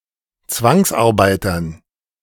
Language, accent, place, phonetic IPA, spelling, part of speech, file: German, Germany, Berlin, [ˈt͡svaŋsʔaʁˌbaɪ̯tɐn], Zwangsarbeitern, noun, De-Zwangsarbeitern.ogg
- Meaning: dative plural of Zwangsarbeiter